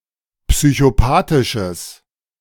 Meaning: strong/mixed nominative/accusative neuter singular of psychopathisch
- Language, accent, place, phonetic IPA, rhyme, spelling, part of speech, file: German, Germany, Berlin, [psyçoˈpaːtɪʃəs], -aːtɪʃəs, psychopathisches, adjective, De-psychopathisches.ogg